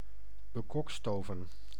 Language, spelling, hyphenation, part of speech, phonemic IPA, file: Dutch, bekokstoven, be‧kok‧sto‧ven, verb, /bəˈkɔkstoːvə(n)/, Nl-bekokstoven.ogg
- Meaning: to devise, to machinate, to concoct (to plan maliciously)